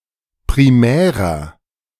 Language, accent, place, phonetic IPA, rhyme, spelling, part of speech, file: German, Germany, Berlin, [pʁiˈmɛːʁɐ], -ɛːʁɐ, primärer, adjective, De-primärer.ogg
- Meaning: 1. comparative degree of primär 2. inflection of primär: strong/mixed nominative masculine singular 3. inflection of primär: strong genitive/dative feminine singular